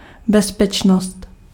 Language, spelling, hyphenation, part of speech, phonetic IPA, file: Czech, bezpečnost, bez‧peč‧nost, noun, [ˈbɛspɛt͡ʃnost], Cs-bezpečnost.ogg
- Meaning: 1. safety 2. security (staff) 3. safeness (of a quality)